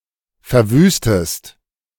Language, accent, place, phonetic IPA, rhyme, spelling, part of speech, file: German, Germany, Berlin, [fɛɐ̯ˈvyːstəst], -yːstəst, verwüstest, verb, De-verwüstest.ogg
- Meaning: inflection of verwüsten: 1. second-person singular present 2. second-person singular subjunctive I